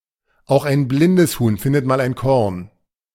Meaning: success depends in part on coincidence; every dog has its day, even a blind squirrel can find a nut once in a while: even someone less capable or less gifted may at some point be successful
- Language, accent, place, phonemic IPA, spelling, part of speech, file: German, Germany, Berlin, /aʊ̯x aɪ̯n ˈblɪndəs huːn ˈfɪndət maːl aɪ̯n kɔʁn/, auch ein blindes Huhn findet mal ein Korn, proverb, De-auch ein blindes Huhn findet mal ein Korn.ogg